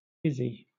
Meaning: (proper noun) A diminutive of the female given name Isabel, Isobel, Isabelle, Isabella, Elizabeth, Isidora, Isra, Izebel, Ismara and Isobelle
- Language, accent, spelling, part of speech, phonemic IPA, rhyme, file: English, Southern England, Izzy, proper noun / noun, /ˈɪzi/, -ɪzi, LL-Q1860 (eng)-Izzy.wav